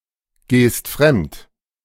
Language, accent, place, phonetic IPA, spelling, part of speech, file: German, Germany, Berlin, [ˌɡeːst ˈfʁɛmt], gehst fremd, verb, De-gehst fremd.ogg
- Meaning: second-person singular present of fremdgehen